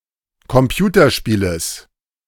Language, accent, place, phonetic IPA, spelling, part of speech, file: German, Germany, Berlin, [kɔmˈpjuːtɐˌʃpiːləs], Computerspieles, noun, De-Computerspieles.ogg
- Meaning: genitive singular of Computerspiel